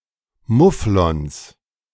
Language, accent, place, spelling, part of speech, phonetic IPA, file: German, Germany, Berlin, Mufflons, noun, [ˈmʊflɔns], De-Mufflons.ogg
- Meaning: 1. genitive singular of Mufflon 2. plural of Mufflon